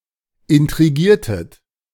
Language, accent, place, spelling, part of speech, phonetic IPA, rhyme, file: German, Germany, Berlin, intrigiertet, verb, [ɪntʁiˈɡiːɐ̯tət], -iːɐ̯tət, De-intrigiertet.ogg
- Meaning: inflection of intrigieren: 1. second-person plural preterite 2. second-person plural subjunctive II